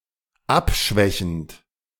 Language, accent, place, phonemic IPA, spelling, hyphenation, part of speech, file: German, Germany, Berlin, /ˈapˌʃvɛçn̩t/, abschwächend, ab‧schwä‧chend, verb, De-abschwächend.ogg
- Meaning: present participle of abschwächen